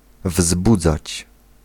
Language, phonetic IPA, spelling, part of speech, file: Polish, [ˈvzbud͡zat͡ɕ], wzbudzać, verb, Pl-wzbudzać.ogg